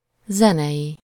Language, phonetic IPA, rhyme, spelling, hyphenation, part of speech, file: Hungarian, [ˈzɛnɛji], -ji, zenei, ze‧nei, adjective, Hu-zenei.ogg
- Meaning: musical (of or relating to music)